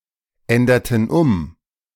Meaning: inflection of umändern: 1. first/third-person plural preterite 2. first/third-person plural subjunctive II
- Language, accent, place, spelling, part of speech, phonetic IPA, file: German, Germany, Berlin, änderten um, verb, [ˌɛndɐtn̩ ˈʊm], De-änderten um.ogg